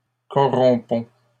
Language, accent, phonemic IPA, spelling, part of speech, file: French, Canada, /kɔ.ʁɔ̃.pɔ̃/, corrompons, verb, LL-Q150 (fra)-corrompons.wav
- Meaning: inflection of corrompre: 1. first-person plural present indicative 2. first-person plural imperative